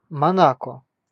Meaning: Monaco (a city-state in Western Europe)
- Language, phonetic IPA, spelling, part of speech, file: Russian, [mɐˈnakə], Монако, proper noun, Ru-Монако.ogg